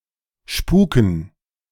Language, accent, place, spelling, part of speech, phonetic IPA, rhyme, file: German, Germany, Berlin, Spuken, noun, [ˈʃpuːkn̩], -uːkn̩, De-Spuken.ogg
- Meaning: dative plural of Spuk